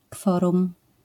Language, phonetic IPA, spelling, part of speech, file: Polish, [ˈkfɔrũm], kworum, noun, LL-Q809 (pol)-kworum.wav